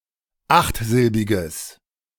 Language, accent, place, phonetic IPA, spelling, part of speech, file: German, Germany, Berlin, [ˈaxtˌzɪlbɪɡəs], achtsilbiges, adjective, De-achtsilbiges.ogg
- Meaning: strong/mixed nominative/accusative neuter singular of achtsilbig